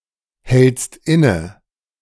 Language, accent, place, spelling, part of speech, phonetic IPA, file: German, Germany, Berlin, hältst inne, verb, [ˌhɛlt͡st ˈɪnə], De-hältst inne.ogg
- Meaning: second-person singular present of innehalten